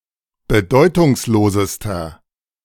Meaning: inflection of bedeutungslos: 1. strong/mixed nominative masculine singular superlative degree 2. strong genitive/dative feminine singular superlative degree
- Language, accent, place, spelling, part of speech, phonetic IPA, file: German, Germany, Berlin, bedeutungslosester, adjective, [bəˈdɔɪ̯tʊŋsˌloːzəstɐ], De-bedeutungslosester.ogg